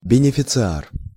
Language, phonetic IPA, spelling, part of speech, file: Russian, [bʲɪnʲɪfʲɪt͡sɨˈar], бенефициар, noun, Ru-бенефициар.ogg
- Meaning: beneficiary